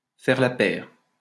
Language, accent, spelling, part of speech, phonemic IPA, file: French, France, faire la paire, verb, /fɛʁ la pɛʁ/, LL-Q150 (fra)-faire la paire.wav
- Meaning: to make quite a duo, to be two of a kind